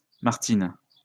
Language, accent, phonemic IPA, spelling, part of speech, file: French, France, /maʁ.tin/, Martine, proper noun, LL-Q150 (fra)-Martine.wav
- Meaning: a female given name, masculine equivalent Martin, equivalent to English Martina